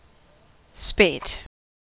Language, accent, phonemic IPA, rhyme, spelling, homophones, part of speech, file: English, General American, /speɪt/, -eɪt, spate, speight, noun / verb, En-us-spate.ogg
- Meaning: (noun) A (sudden) flood or inundation of water; specifically, a flood in or overflow of a river or other watercourse due to heavy rain or melting snow; (uncountable, archaic) flooding, inundation